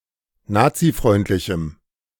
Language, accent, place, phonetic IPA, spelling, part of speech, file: German, Germany, Berlin, [ˈnaːt͡siˌfʁɔɪ̯ntlɪçm̩], nazifreundlichem, adjective, De-nazifreundlichem.ogg
- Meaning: strong dative masculine/neuter singular of nazifreundlich